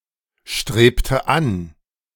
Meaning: inflection of anstreben: 1. first/third-person singular preterite 2. first/third-person singular subjunctive II
- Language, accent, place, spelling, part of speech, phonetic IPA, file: German, Germany, Berlin, strebte an, verb, [ˌʃtʁeːptə ˈan], De-strebte an.ogg